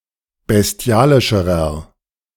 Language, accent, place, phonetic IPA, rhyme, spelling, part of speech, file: German, Germany, Berlin, [bɛsˈti̯aːlɪʃəʁɐ], -aːlɪʃəʁɐ, bestialischerer, adjective, De-bestialischerer.ogg
- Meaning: inflection of bestialisch: 1. strong/mixed nominative masculine singular comparative degree 2. strong genitive/dative feminine singular comparative degree 3. strong genitive plural comparative degree